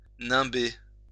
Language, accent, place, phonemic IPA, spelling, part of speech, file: French, France, Lyon, /nɛ̃.be/, nimber, verb, LL-Q150 (fra)-nimber.wav
- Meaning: to surround with a halo or nimbus